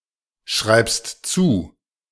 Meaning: second-person singular present of zuschreiben
- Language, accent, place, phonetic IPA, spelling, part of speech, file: German, Germany, Berlin, [ˌʃʁaɪ̯pst ˈt͡suː], schreibst zu, verb, De-schreibst zu.ogg